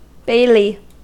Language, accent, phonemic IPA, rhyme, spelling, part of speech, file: English, US, /ˈbeɪli/, -eɪli, bailey, noun, En-us-bailey.ogg
- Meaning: 1. The outer wall of a feudal castle 2. The space immediately within the outer wall of a castle or fortress 3. A prison or court of justice